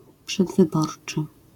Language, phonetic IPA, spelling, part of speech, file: Polish, [ˌpʃɛdvɨˈbɔrt͡ʃɨ], przedwyborczy, adjective, LL-Q809 (pol)-przedwyborczy.wav